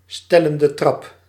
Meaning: positive degree
- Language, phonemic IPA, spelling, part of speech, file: Dutch, /ˈstɛləndəˌtrɑp/, stellende trap, noun, Nl-stellende trap.ogg